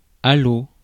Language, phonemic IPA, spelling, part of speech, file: French, /a.lo/, allô, interjection, Fr-allô.ogg
- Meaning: 1. hello (when answering at the beginning of a call) 2. used to confirm that the person being addressed is listening, or to confirm if anyone is listening 3. hello (as an in-person greeting)